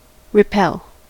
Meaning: 1. To turn (someone) away from a privilege, right, job, etc 2. To reject, put off (a request, demand etc.) 3. To ward off (a malignant influence, attack etc.)
- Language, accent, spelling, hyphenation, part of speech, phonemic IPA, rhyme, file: English, US, repel, re‧pel, verb, /ɹɪˈpɛl/, -ɛl, En-us-repel.ogg